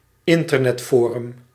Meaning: Internet forum
- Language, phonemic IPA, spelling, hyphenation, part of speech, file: Dutch, /ˈɪn.tər.nɛtˌfoː.rʏm/, internetforum, in‧ter‧net‧fo‧rum, noun, Nl-internetforum.ogg